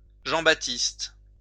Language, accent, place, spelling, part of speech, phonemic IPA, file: French, France, Lyon, Jean-Baptiste, proper noun, /ʒɑ̃.ba.tist/, LL-Q150 (fra)-Jean-Baptiste.wav
- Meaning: 1. John the Baptist (biblical character) 2. a male given name 3. a surname